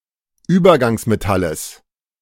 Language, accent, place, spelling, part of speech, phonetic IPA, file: German, Germany, Berlin, Übergangsmetalles, noun, [ˈyːbɐɡaŋsmeˌtaləs], De-Übergangsmetalles.ogg
- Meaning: genitive singular of Übergangsmetall